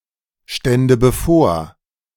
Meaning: first/third-person singular subjunctive II of bevorstehen
- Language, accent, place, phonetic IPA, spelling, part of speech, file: German, Germany, Berlin, [ˌʃtɛndə bəˈfoːɐ̯], stände bevor, verb, De-stände bevor.ogg